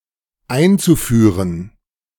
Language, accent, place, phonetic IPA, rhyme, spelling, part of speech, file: German, Germany, Berlin, [ˈaɪ̯nt͡suˌfyːʁən], -aɪ̯nt͡sufyːʁən, einzuführen, verb, De-einzuführen.ogg
- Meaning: zu-infinitive of einführen